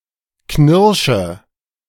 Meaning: inflection of knirschen: 1. first-person singular present 2. singular imperative 3. first/third-person singular subjunctive I
- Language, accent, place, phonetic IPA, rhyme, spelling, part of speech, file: German, Germany, Berlin, [ˈknɪʁʃə], -ɪʁʃə, knirsche, verb, De-knirsche.ogg